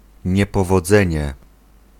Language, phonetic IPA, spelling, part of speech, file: Polish, [ˌɲɛpɔvɔˈd͡zɛ̃ɲɛ], niepowodzenie, noun, Pl-niepowodzenie.ogg